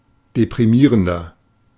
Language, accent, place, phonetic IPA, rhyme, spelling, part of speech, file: German, Germany, Berlin, [depʁiˈmiːʁəndɐ], -iːʁəndɐ, deprimierender, adjective, De-deprimierender.ogg
- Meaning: 1. comparative degree of deprimierend 2. inflection of deprimierend: strong/mixed nominative masculine singular 3. inflection of deprimierend: strong genitive/dative feminine singular